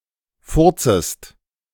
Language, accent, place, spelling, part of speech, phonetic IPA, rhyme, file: German, Germany, Berlin, furzest, verb, [ˈfʊʁt͡səst], -ʊʁt͡səst, De-furzest.ogg
- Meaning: second-person singular subjunctive I of furzen